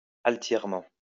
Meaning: haughtily
- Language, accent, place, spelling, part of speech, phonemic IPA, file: French, France, Lyon, altièrement, adverb, /al.tjɛʁ.mɑ̃/, LL-Q150 (fra)-altièrement.wav